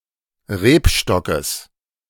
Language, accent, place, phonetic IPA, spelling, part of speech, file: German, Germany, Berlin, [ˈʁeːpˌʃtɔkəs], Rebstockes, noun, De-Rebstockes.ogg
- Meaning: genitive singular of Rebstock